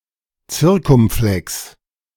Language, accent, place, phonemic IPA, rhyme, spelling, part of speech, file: German, Germany, Berlin, /ˈtsɪʁkʊmˌflɛks/, -ɛks, Zirkumflex, noun, De-Zirkumflex.ogg
- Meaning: circumflex